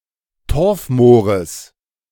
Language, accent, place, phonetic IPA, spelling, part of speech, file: German, Germany, Berlin, [ˈtɔʁfˌmoːʁəs], Torfmoores, noun, De-Torfmoores.ogg
- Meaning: genitive singular of Torfmoor